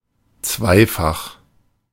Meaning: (adjective) twofold, double, dual, duplicate; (adverb) twofold, twice
- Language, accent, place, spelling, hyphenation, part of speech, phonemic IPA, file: German, Germany, Berlin, zweifach, zwei‧fach, adjective / adverb, /ˈtsvaɪ̯ˌfaχ/, De-zweifach.ogg